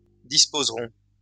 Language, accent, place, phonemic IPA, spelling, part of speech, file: French, France, Lyon, /dis.poz.ʁɔ̃/, disposerons, verb, LL-Q150 (fra)-disposerons.wav
- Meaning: first-person plural future of disposer